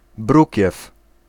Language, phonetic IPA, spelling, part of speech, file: Polish, [ˈbrucɛf], brukiew, noun, Pl-brukiew.ogg